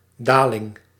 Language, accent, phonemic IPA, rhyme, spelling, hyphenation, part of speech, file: Dutch, Netherlands, /ˈdaː.lɪŋ/, -aːlɪŋ, daling, da‧ling, noun, Nl-daling.ogg
- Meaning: 1. decline, fall 2. descent 3. a group of letters which are unstressed